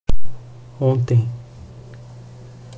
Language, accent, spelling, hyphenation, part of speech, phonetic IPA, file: Portuguese, Brazil, ontem, on‧tem, adverb / noun, [ˈõ.tẽɪ̯̃], Pt-br-ontem.ogg
- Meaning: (adverb) yesterday; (noun) 1. yesterday (day before today) 2. yesterday (the recent past)